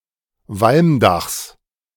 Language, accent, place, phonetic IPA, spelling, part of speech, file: German, Germany, Berlin, [ˈvalmˌdaxs], Walmdachs, noun, De-Walmdachs.ogg
- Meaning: genitive singular of Walmdach